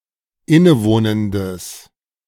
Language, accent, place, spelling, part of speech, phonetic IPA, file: German, Germany, Berlin, innewohnendes, adjective, [ˈɪnəˌvoːnəndəs], De-innewohnendes.ogg
- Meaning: strong/mixed nominative/accusative neuter singular of innewohnend